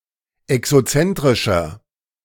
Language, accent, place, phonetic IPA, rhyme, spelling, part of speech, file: German, Germany, Berlin, [ɛksoˈt͡sɛntʁɪʃɐ], -ɛntʁɪʃɐ, exozentrischer, adjective, De-exozentrischer.ogg
- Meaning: inflection of exozentrisch: 1. strong/mixed nominative masculine singular 2. strong genitive/dative feminine singular 3. strong genitive plural